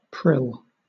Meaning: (verb) to flow, spurt; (noun) 1. a rill, a small stream 2. a spinning top 3. a pellet, a granule, a small bead
- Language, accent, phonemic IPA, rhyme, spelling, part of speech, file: English, Southern England, /pɹɪl/, -ɪl, prill, verb / noun, LL-Q1860 (eng)-prill.wav